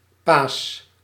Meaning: inflection of pasen: 1. first-person singular present indicative 2. second-person singular present indicative 3. imperative
- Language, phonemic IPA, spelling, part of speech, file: Dutch, /pas/, paas, noun, Nl-paas.ogg